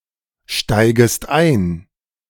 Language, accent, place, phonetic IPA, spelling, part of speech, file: German, Germany, Berlin, [ˌʃtaɪ̯ɡəst ˈaɪ̯n], steigest ein, verb, De-steigest ein.ogg
- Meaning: second-person singular subjunctive I of einsteigen